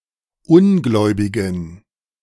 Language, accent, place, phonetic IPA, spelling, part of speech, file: German, Germany, Berlin, [ˈʊnˌɡlɔɪ̯bɪɡn̩], Ungläubigen, noun, De-Ungläubigen.ogg
- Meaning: inflection of Ungläubiger: 1. strong genitive/accusative singular 2. strong dative plural 3. weak/mixed genitive/dative/accusative singular 4. weak/mixed all-case plural